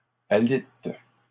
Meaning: second-person singular present indicative/subjunctive of aliter
- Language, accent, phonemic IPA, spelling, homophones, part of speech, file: French, Canada, /a.lit/, alites, alite / alitent, verb, LL-Q150 (fra)-alites.wav